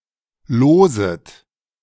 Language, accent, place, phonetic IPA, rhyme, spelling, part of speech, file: German, Germany, Berlin, [ˈloːzət], -oːzət, loset, verb, De-loset.ogg
- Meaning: second-person plural subjunctive I of losen